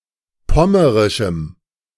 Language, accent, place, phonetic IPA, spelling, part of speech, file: German, Germany, Berlin, [ˈpɔməʁɪʃm̩], pommerischem, adjective, De-pommerischem.ogg
- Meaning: strong dative masculine/neuter singular of pommerisch